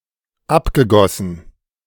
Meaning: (verb) past participle of abgießen; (adjective) decanted
- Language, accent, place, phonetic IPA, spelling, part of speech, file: German, Germany, Berlin, [ˈapɡəˌɡɔsn̩], abgegossen, verb, De-abgegossen.ogg